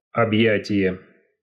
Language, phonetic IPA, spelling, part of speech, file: Russian, [ɐbˈjætʲɪje], объятие, noun, Ru-объятие.ogg
- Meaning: embrace (hug)